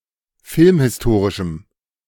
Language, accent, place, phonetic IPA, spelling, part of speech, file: German, Germany, Berlin, [ˈfɪlmhɪsˌtoːʁɪʃm̩], filmhistorischem, adjective, De-filmhistorischem.ogg
- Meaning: strong dative masculine/neuter singular of filmhistorisch